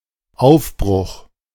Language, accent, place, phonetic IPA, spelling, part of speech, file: German, Germany, Berlin, [ˈaʊ̯fˌbʁʊx], Aufbruch, noun, De-Aufbruch.ogg
- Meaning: 1. departure 2. crack, tear 3. breakup